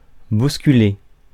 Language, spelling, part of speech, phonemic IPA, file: French, bousculer, verb, /bus.ky.le/, Fr-bousculer.ogg
- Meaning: to shove, to bump into, to jostle